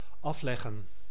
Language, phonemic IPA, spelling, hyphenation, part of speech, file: Dutch, /ˈɑflɛɣə(n)/, afleggen, af‧leg‧gen, verb, Nl-afleggen.ogg
- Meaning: 1. to cover (e.g. a distance) 2. to perish, to die 3. to be defeated 4. to prepare a deceased person for the funeral